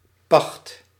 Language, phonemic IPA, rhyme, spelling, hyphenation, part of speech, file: Dutch, /pɑxt/, -ɑxt, pacht, pacht, noun / verb, Nl-pacht.ogg
- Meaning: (noun) lease (in particular of land and immovable goods); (verb) inflection of pachten: 1. first/second/third-person singular present indicative 2. imperative